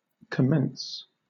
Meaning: 1. To begin, start 2. To begin or start 3. To begin to be, or to act as 4. To take a degree at a university
- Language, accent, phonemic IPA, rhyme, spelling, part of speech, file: English, Southern England, /kəˈmɛns/, -ɛns, commence, verb, LL-Q1860 (eng)-commence.wav